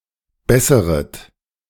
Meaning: second-person plural subjunctive I of bessern
- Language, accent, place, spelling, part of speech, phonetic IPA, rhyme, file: German, Germany, Berlin, besseret, verb, [ˈbɛsəʁət], -ɛsəʁət, De-besseret.ogg